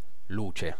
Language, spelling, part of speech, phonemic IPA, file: Italian, luce, noun, /ˈluːt͡ʃe/, It-luce.ogg